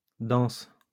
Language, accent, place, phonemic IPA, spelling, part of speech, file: French, France, Lyon, /dɑ̃s/, danses, verb, LL-Q150 (fra)-danses.wav
- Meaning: second-person singular present indicative/subjunctive of danser